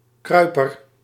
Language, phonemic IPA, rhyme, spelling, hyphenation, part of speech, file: Dutch, /ˈkrœy̯.pər/, -œy̯pər, kruiper, krui‧per, noun, Nl-kruiper.ogg
- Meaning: 1. creeper, crawler 2. adulator, flunky, toady